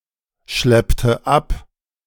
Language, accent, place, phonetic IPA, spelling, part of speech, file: German, Germany, Berlin, [ˌʃlɛptə ˈʔap], schleppte ab, verb, De-schleppte ab.ogg
- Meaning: inflection of abschleppen: 1. first/third-person singular preterite 2. first/third-person singular subjunctive II